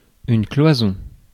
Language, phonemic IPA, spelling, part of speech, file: French, /klwa.zɔ̃/, cloison, noun, Fr-cloison.ogg
- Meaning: 1. partition, partition wall 2. septum, partition 3. bulkhead